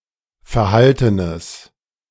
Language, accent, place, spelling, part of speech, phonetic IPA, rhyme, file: German, Germany, Berlin, verhaltenes, adjective, [fɛɐ̯ˈhaltənəs], -altənəs, De-verhaltenes.ogg
- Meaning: strong/mixed nominative/accusative neuter singular of verhalten